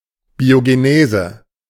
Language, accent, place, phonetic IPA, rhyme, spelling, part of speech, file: German, Germany, Berlin, [bioɡeˈneːzə], -eːzə, Biogenese, noun, De-Biogenese.ogg
- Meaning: biogenesis